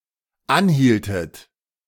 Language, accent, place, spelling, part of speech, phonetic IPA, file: German, Germany, Berlin, anhieltet, verb, [ˈanˌhiːltət], De-anhieltet.ogg
- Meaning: inflection of anhalten: 1. second-person plural dependent preterite 2. second-person plural dependent subjunctive II